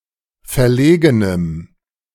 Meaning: strong dative masculine/neuter singular of verlegen
- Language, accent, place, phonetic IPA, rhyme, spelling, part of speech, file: German, Germany, Berlin, [fɛɐ̯ˈleːɡənəm], -eːɡənəm, verlegenem, adjective, De-verlegenem.ogg